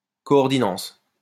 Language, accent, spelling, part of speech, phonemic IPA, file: French, France, coordinence, noun, /kɔ.ɔʁ.di.nɑ̃s/, LL-Q150 (fra)-coordinence.wav
- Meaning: coordination number